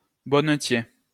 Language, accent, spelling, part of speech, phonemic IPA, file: French, France, bonnetier, noun, /bɔ.nə.tje/, LL-Q150 (fra)-bonnetier.wav
- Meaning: hosier